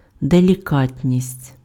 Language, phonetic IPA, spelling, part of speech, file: Ukrainian, [delʲiˈkatʲnʲisʲtʲ], делікатність, noun, Uk-делікатність.ogg
- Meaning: delicacy, considerateness